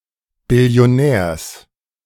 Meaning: genitive singular of Billionär
- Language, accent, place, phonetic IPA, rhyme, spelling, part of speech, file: German, Germany, Berlin, [bɪli̯oˈnɛːɐ̯s], -ɛːɐ̯s, Billionärs, noun, De-Billionärs.ogg